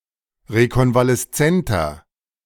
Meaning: inflection of rekonvaleszent: 1. strong/mixed nominative masculine singular 2. strong genitive/dative feminine singular 3. strong genitive plural
- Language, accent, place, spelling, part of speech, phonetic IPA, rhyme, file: German, Germany, Berlin, rekonvaleszenter, adjective, [ʁekɔnvalɛsˈt͡sɛntɐ], -ɛntɐ, De-rekonvaleszenter.ogg